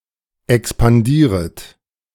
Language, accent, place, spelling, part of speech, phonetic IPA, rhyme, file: German, Germany, Berlin, expandieret, verb, [ɛkspanˈdiːʁət], -iːʁət, De-expandieret.ogg
- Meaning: second-person plural subjunctive I of expandieren